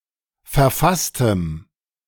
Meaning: strong dative masculine/neuter singular of verfasst
- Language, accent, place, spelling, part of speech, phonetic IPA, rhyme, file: German, Germany, Berlin, verfasstem, adjective, [fɛɐ̯ˈfastəm], -astəm, De-verfasstem.ogg